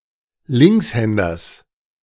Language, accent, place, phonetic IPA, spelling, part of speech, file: German, Germany, Berlin, [ˈlɪŋksˌhɛndɐs], Linkshänders, noun, De-Linkshänders.ogg
- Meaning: genitive singular of Linkshänder